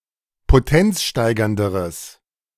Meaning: strong/mixed nominative/accusative neuter singular comparative degree of potenzsteigernd
- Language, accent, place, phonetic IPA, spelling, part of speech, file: German, Germany, Berlin, [poˈtɛnt͡sˌʃtaɪ̯ɡɐndəʁəs], potenzsteigernderes, adjective, De-potenzsteigernderes.ogg